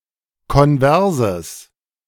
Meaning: strong/mixed nominative/accusative neuter singular of konvers
- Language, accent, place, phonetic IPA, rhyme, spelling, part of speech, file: German, Germany, Berlin, [kɔnˈvɛʁzəs], -ɛʁzəs, konverses, adjective, De-konverses.ogg